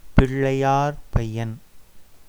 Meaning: A stout, short lad
- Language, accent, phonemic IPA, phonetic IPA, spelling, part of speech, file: Tamil, India, /pɪɭːɐɪ̯jɑːɾbɐɪ̯jɐn/, [pɪɭːɐɪ̯jäːɾbɐɪ̯jɐn], பிள்ளையார்பையன், noun, Ta-பிள்ளையார்பையன்.ogg